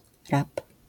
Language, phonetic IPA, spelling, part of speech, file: Polish, [rap], rap, noun, LL-Q809 (pol)-rap.wav